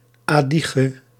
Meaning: Adyghe (language)
- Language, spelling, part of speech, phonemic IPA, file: Dutch, Adyghe, proper noun, /ɑdiɣə/, Nl-Adyghe.ogg